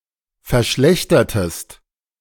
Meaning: inflection of verschlechtern: 1. second-person singular preterite 2. second-person singular subjunctive II
- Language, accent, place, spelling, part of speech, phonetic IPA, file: German, Germany, Berlin, verschlechtertest, verb, [fɛɐ̯ˈʃlɛçtɐtəst], De-verschlechtertest.ogg